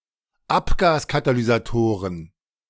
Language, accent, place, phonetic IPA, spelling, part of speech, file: German, Germany, Berlin, [ˈapɡaːskatalyzaˌtoːʁən], Abgaskatalysatoren, noun, De-Abgaskatalysatoren.ogg
- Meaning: plural of Abgaskatalysator